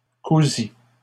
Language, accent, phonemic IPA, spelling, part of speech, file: French, Canada, /ku.zi/, cousit, verb, LL-Q150 (fra)-cousit.wav
- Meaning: third-person singular past historic of coudre